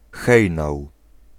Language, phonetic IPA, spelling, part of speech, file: Polish, [ˈxɛjnaw], hejnał, noun, Pl-hejnał.ogg